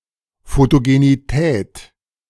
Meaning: alternative form of Fotogenität
- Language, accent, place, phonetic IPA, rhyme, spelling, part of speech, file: German, Germany, Berlin, [ˌfotoɡeniˈtɛːt], -ɛːt, Photogenität, noun, De-Photogenität.ogg